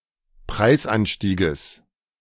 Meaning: genitive singular of Preisanstieg
- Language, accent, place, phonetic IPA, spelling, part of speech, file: German, Germany, Berlin, [ˈpʁaɪ̯sˌʔanʃtiːɡəs], Preisanstieges, noun, De-Preisanstieges.ogg